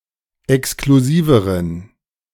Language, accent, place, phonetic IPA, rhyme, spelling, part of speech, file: German, Germany, Berlin, [ɛkskluˈziːvəʁən], -iːvəʁən, exklusiveren, adjective, De-exklusiveren.ogg
- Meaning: inflection of exklusiv: 1. strong genitive masculine/neuter singular comparative degree 2. weak/mixed genitive/dative all-gender singular comparative degree